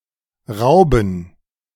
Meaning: 1. gerund of rauben 2. dative plural of Raub
- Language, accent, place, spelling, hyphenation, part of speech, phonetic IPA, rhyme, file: German, Germany, Berlin, Rauben, Rau‧ben, noun, [ˈʁaʊ̯bn̩], -aʊ̯bn̩, De-Rauben.ogg